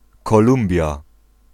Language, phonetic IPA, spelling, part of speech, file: Polish, [kɔˈlũmbʲja], Kolumbia, proper noun, Pl-Kolumbia.ogg